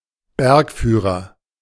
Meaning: mountain guide (person)
- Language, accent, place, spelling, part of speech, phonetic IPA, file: German, Germany, Berlin, Bergführer, noun, [ˈbɛʁkˌfyːʁɐ], De-Bergführer.ogg